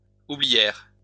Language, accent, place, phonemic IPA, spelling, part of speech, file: French, France, Lyon, /u.bli.jɛʁ/, oublièrent, verb, LL-Q150 (fra)-oublièrent.wav
- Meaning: third-person plural past historic of oublier